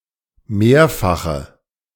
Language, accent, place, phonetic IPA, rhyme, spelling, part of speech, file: German, Germany, Berlin, [ˈmeːɐ̯faxə], -eːɐ̯faxə, mehrfache, adjective, De-mehrfache.ogg
- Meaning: inflection of mehrfach: 1. strong/mixed nominative/accusative feminine singular 2. strong nominative/accusative plural 3. weak nominative all-gender singular